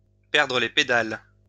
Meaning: to lose it, to lose the plot, to lose one's mind
- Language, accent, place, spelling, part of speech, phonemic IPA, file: French, France, Lyon, perdre les pédales, verb, /pɛʁ.dʁə le pe.dal/, LL-Q150 (fra)-perdre les pédales.wav